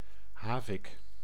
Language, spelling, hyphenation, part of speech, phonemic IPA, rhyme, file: Dutch, havik, ha‧vik, noun, /ˈɦaːvɪk/, -aːvɪk, Nl-havik.ogg
- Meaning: 1. A hawk, a small bird of the family Accipitridae, especially of the genus Accipiter 2. northern goshawk (Astur gentilis) 3. A hawk, someone with aggressive or extreme views in (foreign) politics